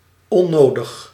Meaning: unnecessary, not needed
- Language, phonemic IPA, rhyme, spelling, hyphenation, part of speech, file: Dutch, /ɔˈnoːdəx/, -oːdəx, onnodig, on‧no‧dig, adjective, Nl-onnodig.ogg